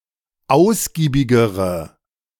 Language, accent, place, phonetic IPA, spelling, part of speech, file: German, Germany, Berlin, [ˈaʊ̯sɡiːbɪɡəʁə], ausgiebigere, adjective, De-ausgiebigere.ogg
- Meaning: inflection of ausgiebig: 1. strong/mixed nominative/accusative feminine singular comparative degree 2. strong nominative/accusative plural comparative degree